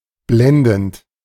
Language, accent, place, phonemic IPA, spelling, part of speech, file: German, Germany, Berlin, /blɛndənt/, blendend, verb / adjective, De-blendend.ogg
- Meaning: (verb) present participle of blenden; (adjective) brilliant, splendid, terrific, superb